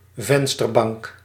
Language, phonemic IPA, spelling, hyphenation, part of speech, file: Dutch, /ˈvɛn.stərˌbɑŋk/, vensterbank, ven‧ster‧bank, noun, Nl-vensterbank.ogg
- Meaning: windowsill